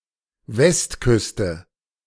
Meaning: west coast
- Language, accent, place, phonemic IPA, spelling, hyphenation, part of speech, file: German, Germany, Berlin, /ˈvɛstˌkʏstə/, Westküste, West‧küs‧te, noun, De-Westküste.ogg